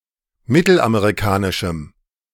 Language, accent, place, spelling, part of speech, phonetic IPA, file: German, Germany, Berlin, mittelamerikanischem, adjective, [ˈmɪtl̩ʔameʁiˌkaːnɪʃm̩], De-mittelamerikanischem.ogg
- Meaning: strong dative masculine/neuter singular of mittelamerikanisch